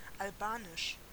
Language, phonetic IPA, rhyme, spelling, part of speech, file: German, [alˈbaːnɪʃ], -aːnɪʃ, albanisch, adjective, De-albanisch.ogg
- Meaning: Albanian